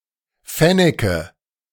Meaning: nominative/accusative/genitive plural of Fennek
- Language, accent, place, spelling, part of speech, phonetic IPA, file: German, Germany, Berlin, Fenneke, noun, [ˈfɛnɛkə], De-Fenneke.ogg